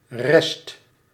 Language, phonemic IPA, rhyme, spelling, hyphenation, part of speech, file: Dutch, /rɛst/, -ɛst, rest, rest, noun, Nl-rest.ogg
- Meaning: rest (that which remains)